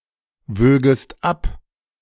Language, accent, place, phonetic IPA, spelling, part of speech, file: German, Germany, Berlin, [ˌvøːɡəst ˈap], wögest ab, verb, De-wögest ab.ogg
- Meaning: second-person singular subjunctive II of abwiegen